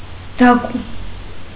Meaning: alternative form of դակուր (dakur)
- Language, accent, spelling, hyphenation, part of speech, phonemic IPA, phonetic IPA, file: Armenian, Eastern Armenian, դակու, դա‧կու, noun, /dɑˈku/, [dɑkú], Hy-դակու.ogg